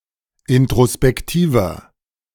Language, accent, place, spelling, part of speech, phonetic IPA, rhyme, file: German, Germany, Berlin, introspektiver, adjective, [ɪntʁospɛkˈtiːvɐ], -iːvɐ, De-introspektiver.ogg
- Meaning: 1. comparative degree of introspektiv 2. inflection of introspektiv: strong/mixed nominative masculine singular 3. inflection of introspektiv: strong genitive/dative feminine singular